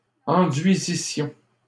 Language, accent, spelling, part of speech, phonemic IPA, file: French, Canada, enduisissions, verb, /ɑ̃.dɥi.zi.sjɔ̃/, LL-Q150 (fra)-enduisissions.wav
- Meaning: first-person plural imperfect subjunctive of enduire